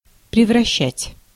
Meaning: to turn into, to change
- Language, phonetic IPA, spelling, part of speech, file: Russian, [prʲɪvrɐˈɕːætʲ], превращать, verb, Ru-превращать.ogg